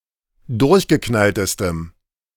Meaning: strong dative masculine/neuter singular superlative degree of durchgeknallt
- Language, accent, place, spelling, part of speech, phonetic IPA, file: German, Germany, Berlin, durchgeknalltestem, adjective, [ˈdʊʁçɡəˌknaltəstəm], De-durchgeknalltestem.ogg